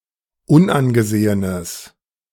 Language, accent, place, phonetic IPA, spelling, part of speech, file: German, Germany, Berlin, [ˈʊnʔanɡəˌzeːənəs], unangesehenes, adjective, De-unangesehenes.ogg
- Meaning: strong/mixed nominative/accusative neuter singular of unangesehen